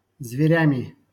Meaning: instrumental plural of зверь (zverʹ)
- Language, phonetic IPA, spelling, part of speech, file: Russian, [zvʲɪˈrʲæmʲɪ], зверями, noun, LL-Q7737 (rus)-зверями.wav